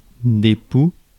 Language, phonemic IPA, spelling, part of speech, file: French, /pu/, poux, noun, Fr-poux.ogg
- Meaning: plural of pou